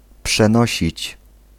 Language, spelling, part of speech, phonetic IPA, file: Polish, przenosić, verb, [pʃɛ̃ˈnɔɕit͡ɕ], Pl-przenosić.ogg